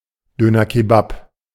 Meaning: alternative form of Döner Kebab
- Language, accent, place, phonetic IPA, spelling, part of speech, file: German, Germany, Berlin, [ˈdøːnɐˌkeːbap], Dönerkebap, noun, De-Dönerkebap.ogg